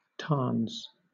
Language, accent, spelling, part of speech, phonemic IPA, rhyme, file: English, Southern England, tarns, noun, /tɑː(ɹ)nz/, -ɑː(ɹ)nz, LL-Q1860 (eng)-tarns.wav
- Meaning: plural of tarn